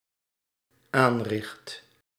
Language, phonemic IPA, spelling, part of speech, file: Dutch, /ˈanrɪxt/, aanricht, verb, Nl-aanricht.ogg
- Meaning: first/second/third-person singular dependent-clause present indicative of aanrichten